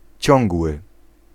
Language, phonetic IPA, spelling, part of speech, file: Polish, [ˈt͡ɕɔ̃ŋɡwɨ], ciągły, adjective, Pl-ciągły.ogg